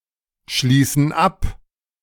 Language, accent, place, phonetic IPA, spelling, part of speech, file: German, Germany, Berlin, [ˌʃliːsn̩ ˈap], schließen ab, verb, De-schließen ab.ogg
- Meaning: inflection of abschließen: 1. first/third-person plural present 2. first/third-person plural subjunctive I